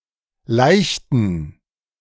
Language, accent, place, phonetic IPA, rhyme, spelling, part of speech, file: German, Germany, Berlin, [ˈlaɪ̯çtn̩], -aɪ̯çtn̩, leichten, adjective, De-leichten.ogg
- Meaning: inflection of leicht: 1. strong genitive masculine/neuter singular 2. weak/mixed genitive/dative all-gender singular 3. strong/weak/mixed accusative masculine singular 4. strong dative plural